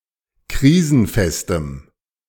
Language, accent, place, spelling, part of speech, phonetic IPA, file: German, Germany, Berlin, krisenfestem, adjective, [ˈkʁiːzn̩ˌfɛstəm], De-krisenfestem.ogg
- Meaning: strong dative masculine/neuter singular of krisenfest